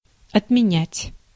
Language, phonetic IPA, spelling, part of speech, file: Russian, [ɐtmʲɪˈnʲætʲ], отменять, verb, Ru-отменять.ogg
- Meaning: 1. to abolish 2. to cancel, to countermand, to disaffirm, to reverse 3. to repeal, to rescind, to abrogate, to revoke, to call off